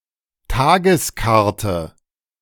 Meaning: 1. menu of the day 2. day ticket
- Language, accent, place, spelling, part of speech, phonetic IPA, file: German, Germany, Berlin, Tageskarte, noun, [ˈtaːɡəsˌkaʁtə], De-Tageskarte.ogg